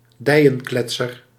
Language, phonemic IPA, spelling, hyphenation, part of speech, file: Dutch, /ˈdɛi̯.ə(n)ˌklɛt.sər/, dijenkletser, dij‧en‧klet‧ser, noun, Nl-dijenkletser.ogg
- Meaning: thigh-slapper, knee-slapper (hilarious joke)